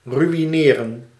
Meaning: 1. to ruin, destroy 2. to ruin financially
- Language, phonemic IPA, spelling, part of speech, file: Dutch, /ˌry.iˈneː.rə(n)/, ruïneren, verb, Nl-ruïneren.ogg